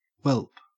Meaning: Well. Typically used to express exasperation, a matter-of-fact or unenthusiastic attitude, or helpless acceptance of something surprising
- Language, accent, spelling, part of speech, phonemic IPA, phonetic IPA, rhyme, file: English, Australia, welp, interjection, /wɛlp/, [wɛlp̚], -ɛlp, En-au-welp.ogg